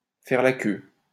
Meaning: to line up, queue (to put oneself at the end of a queue)
- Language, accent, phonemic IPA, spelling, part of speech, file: French, France, /fɛʁ la kø/, faire la queue, verb, LL-Q150 (fra)-faire la queue.wav